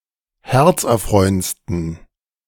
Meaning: 1. superlative degree of herzerfreuend 2. inflection of herzerfreuend: strong genitive masculine/neuter singular superlative degree
- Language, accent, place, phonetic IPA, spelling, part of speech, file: German, Germany, Berlin, [ˈhɛʁt͡sʔɛɐ̯ˌfʁɔɪ̯ənt͡stn̩], herzerfreuendsten, adjective, De-herzerfreuendsten.ogg